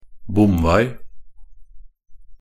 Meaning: 1. a toll road or turnpike (a road for the use of which a toll must be paid) 2. a road that is closed with a barrier
- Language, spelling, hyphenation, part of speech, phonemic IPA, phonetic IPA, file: Norwegian Bokmål, bomvei, bom‧vei, noun, /ˈbum.ˌvei̯/, [ˈbʊɱ.ˌʋæɪ̯], Nb-bomvei.ogg